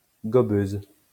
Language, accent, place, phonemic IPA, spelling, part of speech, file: French, France, Lyon, /ɡɔ.bøz/, gobeuse, noun, LL-Q150 (fra)-gobeuse.wav
- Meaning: female equivalent of gobeur